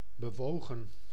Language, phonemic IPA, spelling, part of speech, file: Dutch, /bəˈʋoːɣə(n)/, bewogen, verb, Nl-bewogen.ogg
- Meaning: 1. inflection of bewegen: plural past indicative 2. inflection of bewegen: plural past subjunctive 3. past participle of bewegen